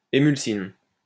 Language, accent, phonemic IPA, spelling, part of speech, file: French, France, /e.myl.sin/, émulsine, noun, LL-Q150 (fra)-émulsine.wav
- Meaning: emulsin